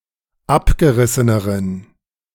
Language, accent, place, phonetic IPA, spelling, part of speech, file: German, Germany, Berlin, [ˈapɡəˌʁɪsənəʁən], abgerisseneren, adjective, De-abgerisseneren.ogg
- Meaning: inflection of abgerissen: 1. strong genitive masculine/neuter singular comparative degree 2. weak/mixed genitive/dative all-gender singular comparative degree